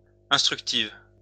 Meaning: feminine singular of instructif
- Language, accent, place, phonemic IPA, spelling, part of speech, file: French, France, Lyon, /ɛ̃s.tʁyk.tiv/, instructive, adjective, LL-Q150 (fra)-instructive.wav